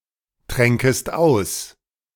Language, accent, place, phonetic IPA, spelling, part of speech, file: German, Germany, Berlin, [ˌtʁɛŋkəst ˈaʊ̯s], tränkest aus, verb, De-tränkest aus.ogg
- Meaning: second-person singular subjunctive II of austrinken